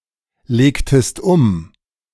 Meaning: inflection of umlegen: 1. second-person singular preterite 2. second-person singular subjunctive II
- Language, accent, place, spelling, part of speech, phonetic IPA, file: German, Germany, Berlin, legtest um, verb, [ˌleːktəst ˈʊm], De-legtest um.ogg